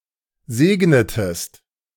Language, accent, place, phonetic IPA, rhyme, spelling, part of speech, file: German, Germany, Berlin, [ˈzeːɡnətəst], -eːɡnətəst, segnetest, verb, De-segnetest.ogg
- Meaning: inflection of segnen: 1. second-person singular preterite 2. second-person singular subjunctive II